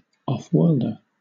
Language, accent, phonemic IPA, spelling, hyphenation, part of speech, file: English, Southern England, /ˌɒfˈwɜːldə/, off-worlder, off-world‧er, noun, LL-Q1860 (eng)-off-worlder.wav
- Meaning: One who is not from the local world (whether a dimension, plane, planet, or universe); an alien